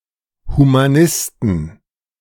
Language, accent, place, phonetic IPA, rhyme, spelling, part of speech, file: German, Germany, Berlin, [ˌhumaˈnɪstn̩], -ɪstn̩, Humanisten, noun, De-Humanisten.ogg
- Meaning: plural of Humanist